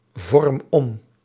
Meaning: inflection of omvormen: 1. first-person singular present indicative 2. second-person singular present indicative 3. imperative
- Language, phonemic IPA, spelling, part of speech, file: Dutch, /ˈvɔrᵊm ˈɔm/, vorm om, verb, Nl-vorm om.ogg